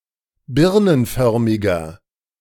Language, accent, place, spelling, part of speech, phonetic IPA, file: German, Germany, Berlin, birnenförmiger, adjective, [ˈbɪʁnənˌfœʁmɪɡɐ], De-birnenförmiger.ogg
- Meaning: inflection of birnenförmig: 1. strong/mixed nominative masculine singular 2. strong genitive/dative feminine singular 3. strong genitive plural